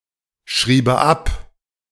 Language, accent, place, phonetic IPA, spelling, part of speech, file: German, Germany, Berlin, [ˌʃʁiːbə ˈap], schriebe ab, verb, De-schriebe ab.ogg
- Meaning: first/third-person singular subjunctive II of abschreiben